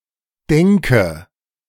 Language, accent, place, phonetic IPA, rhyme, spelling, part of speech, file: German, Germany, Berlin, [ˈdɛŋkə], -ɛŋkə, denke, verb, De-denke.ogg
- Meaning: inflection of denken: 1. first-person singular present 2. first/third-person singular subjunctive I 3. singular imperative